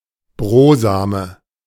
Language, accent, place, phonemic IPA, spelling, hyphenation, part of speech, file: German, Germany, Berlin, /ˈbʁoːzaˑmə/, Brosame, Bro‧sa‧me, noun, De-Brosame.ogg
- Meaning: crumb